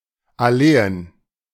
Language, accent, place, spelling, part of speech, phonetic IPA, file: German, Germany, Berlin, Alleen, noun, [aˈleːən], De-Alleen.ogg
- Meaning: plural of Allee